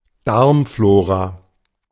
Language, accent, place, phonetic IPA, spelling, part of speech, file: German, Germany, Berlin, [ˈdaʁmˌfloːʁa], Darmflora, noun, De-Darmflora.ogg
- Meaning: gut flora, intestinal flora (microorganisms found in the intestine of a human or animal)